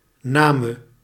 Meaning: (verb) singular past subjunctive of nemen; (noun) 1. dative singular of naam 2. obsolete form of naam
- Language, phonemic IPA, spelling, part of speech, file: Dutch, /ˈnaːmə/, name, verb / noun, Nl-name.ogg